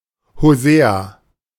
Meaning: Hosea (prophet)
- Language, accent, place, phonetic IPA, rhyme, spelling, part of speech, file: German, Germany, Berlin, [hoˈzeːa], -eːa, Hosea, proper noun, De-Hosea.ogg